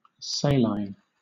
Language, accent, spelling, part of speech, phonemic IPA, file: English, Southern England, saline, adjective / noun, /ˈseɪ.laɪn/, LL-Q1860 (eng)-saline.wav
- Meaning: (adjective) 1. Containing salt; salty 2. Resembling salt; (noun) 1. Water containing dissolved salt 2. A salt spring; a place where salt water is collected in the earth